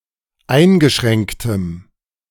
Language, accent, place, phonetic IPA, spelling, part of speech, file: German, Germany, Berlin, [ˈaɪ̯nɡəˌʃʁɛŋktəm], eingeschränktem, adjective, De-eingeschränktem.ogg
- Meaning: strong dative masculine/neuter singular of eingeschränkt